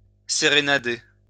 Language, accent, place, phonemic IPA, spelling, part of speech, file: French, France, Lyon, /se.ʁe.na.de/, sérénader, verb, LL-Q150 (fra)-sérénader.wav
- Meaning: to serenade